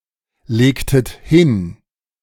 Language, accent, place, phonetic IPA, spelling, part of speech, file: German, Germany, Berlin, [ˌleːktət ˈhɪn], legtet hin, verb, De-legtet hin.ogg
- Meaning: inflection of hinlegen: 1. second-person plural preterite 2. second-person plural subjunctive II